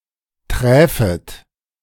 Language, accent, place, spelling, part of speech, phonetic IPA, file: German, Germany, Berlin, träfet, verb, [tʁɛːfət], De-träfet.ogg
- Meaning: second-person plural subjunctive II of treffen